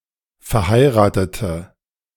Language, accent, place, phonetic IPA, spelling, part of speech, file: German, Germany, Berlin, [fɛɐ̯ˈhaɪ̯ʁaːtətə], verheiratete, adjective / verb, De-verheiratete.ogg
- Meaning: inflection of verheiraten: 1. first/third-person singular preterite 2. first/third-person singular subjunctive II